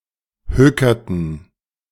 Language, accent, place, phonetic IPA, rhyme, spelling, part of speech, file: German, Germany, Berlin, [ˈhøːkɐtn̩], -øːkɐtn̩, hökerten, verb, De-hökerten.ogg
- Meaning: inflection of hökern: 1. first/third-person plural preterite 2. first/third-person plural subjunctive II